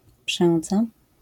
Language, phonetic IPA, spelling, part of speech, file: Polish, [ˈpʃɛ̃nd͡za], przędza, noun, LL-Q809 (pol)-przędza.wav